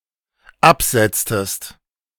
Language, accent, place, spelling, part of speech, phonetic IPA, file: German, Germany, Berlin, absetztest, verb, [ˈapˌz̥ɛt͡stəst], De-absetztest.ogg
- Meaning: inflection of absetzen: 1. second-person singular dependent preterite 2. second-person singular dependent subjunctive II